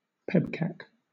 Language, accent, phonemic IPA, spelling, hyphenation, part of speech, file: English, Southern England, /ˈpɛbkæk/, PEBCAK, PEB‧CAK, noun, LL-Q1860 (eng)-PEBCAK.wav
- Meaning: Chiefly used by technical support helpdesk staff: a problem experienced with a user's computer that is due to user error